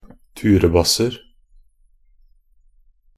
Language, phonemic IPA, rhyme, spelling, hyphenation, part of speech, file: Norwegian Bokmål, /ˈtʉːrəbasːər/, -ər, turebasser, tu‧re‧bas‧ser, noun, Nb-turebasser.ogg
- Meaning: indefinite plural of turebasse